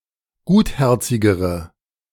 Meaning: inflection of gutherzig: 1. strong/mixed nominative/accusative feminine singular comparative degree 2. strong nominative/accusative plural comparative degree
- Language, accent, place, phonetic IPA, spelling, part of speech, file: German, Germany, Berlin, [ˈɡuːtˌhɛʁt͡sɪɡəʁə], gutherzigere, adjective, De-gutherzigere.ogg